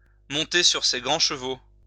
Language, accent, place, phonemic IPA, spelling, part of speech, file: French, France, Lyon, /mɔ̃.te syʁ se ɡʁɑ̃ ʃ(ə).vo/, monter sur ses grands chevaux, verb, LL-Q150 (fra)-monter sur ses grands chevaux.wav
- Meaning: to get on one's high horse